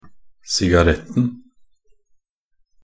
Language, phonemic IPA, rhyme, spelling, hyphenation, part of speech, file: Norwegian Bokmål, /sɪɡaˈrɛtn̩/, -ɛtn̩, sigaretten, si‧ga‧rett‧en, noun, Nb-sigaretten.ogg
- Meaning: definite singular of sigarett